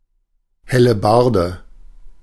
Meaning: halberd
- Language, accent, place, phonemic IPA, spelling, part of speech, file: German, Germany, Berlin, /ˌhɛləˈbardə/, Hellebarde, noun, De-Hellebarde.ogg